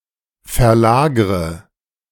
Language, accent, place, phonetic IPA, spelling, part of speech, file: German, Germany, Berlin, [fɛɐ̯ˈlaːɡʁə], verlagre, verb, De-verlagre.ogg
- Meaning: inflection of verlagern: 1. first-person singular present 2. first/third-person singular subjunctive I 3. singular imperative